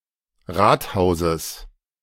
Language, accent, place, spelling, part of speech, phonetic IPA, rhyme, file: German, Germany, Berlin, Rathauses, noun, [ˈʁaːtˌhaʊ̯zəs], -aːthaʊ̯zəs, De-Rathauses.ogg
- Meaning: genitive singular of Rathaus